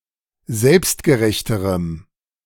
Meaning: strong dative masculine/neuter singular comparative degree of selbstgerecht
- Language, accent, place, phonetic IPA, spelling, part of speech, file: German, Germany, Berlin, [ˈzɛlpstɡəˌʁɛçtəʁəm], selbstgerechterem, adjective, De-selbstgerechterem.ogg